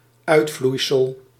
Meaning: result, outcome
- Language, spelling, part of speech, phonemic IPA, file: Dutch, uitvloeisel, noun, /ˈœytflujsəl/, Nl-uitvloeisel.ogg